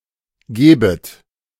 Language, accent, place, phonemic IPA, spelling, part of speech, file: German, Germany, Berlin, /ˈɡeːbət/, gebet, verb, De-gebet.ogg
- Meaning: second-person plural subjunctive I of geben